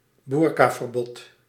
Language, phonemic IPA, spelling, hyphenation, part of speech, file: Dutch, /ˈbur.kaː.vərˌbɔt/, boerkaverbod, boer‧ka‧ver‧bod, noun, Nl-boerkaverbod.ogg
- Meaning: burqa ban, ban on wearing a burqa